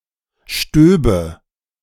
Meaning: first/third-person singular subjunctive II of stieben
- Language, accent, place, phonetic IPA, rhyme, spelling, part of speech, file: German, Germany, Berlin, [ˈʃtøːbə], -øːbə, stöbe, verb, De-stöbe.ogg